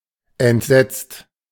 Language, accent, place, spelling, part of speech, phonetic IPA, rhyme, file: German, Germany, Berlin, entsetzt, verb, [ɛntˈzɛt͡st], -ɛt͡st, De-entsetzt.ogg
- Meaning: 1. past participle of entsetzen 2. inflection of entsetzen: second-person singular/plural present 3. inflection of entsetzen: third-person singular present